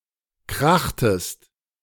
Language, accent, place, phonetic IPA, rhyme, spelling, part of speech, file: German, Germany, Berlin, [ˈkʁaxtəst], -axtəst, krachtest, verb, De-krachtest.ogg
- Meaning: inflection of krachen: 1. second-person singular preterite 2. second-person singular subjunctive II